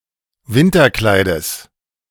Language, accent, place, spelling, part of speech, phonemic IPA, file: German, Germany, Berlin, Winterkleides, noun, /ˈvɪntɐˌklaɪ̯dəs/, De-Winterkleides.ogg
- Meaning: genitive singular of Winterkleid